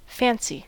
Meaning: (noun) 1. The imagination 2. An image or representation of anything formed in the mind 3. An opinion or notion formed without much reflection 4. A whim 5. Love or amorous attachment 6. Liking
- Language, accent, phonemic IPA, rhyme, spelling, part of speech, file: English, US, /ˈfæn.si/, -ænsi, fancy, noun / adjective / adverb / verb, En-us-fancy.ogg